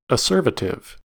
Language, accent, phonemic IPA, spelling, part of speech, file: English, US, /əˈsɝ.və.tɪv/, acervative, adjective, En-us-acervative.ogg
- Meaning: Heaped up; tending to heap up